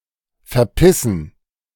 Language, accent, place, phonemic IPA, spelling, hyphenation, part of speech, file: German, Germany, Berlin, /fɛʁˈpɪsn̩/, verpissen, ver‧pis‧sen, verb, De-verpissen.ogg
- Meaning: to fuck off; piss off (leave)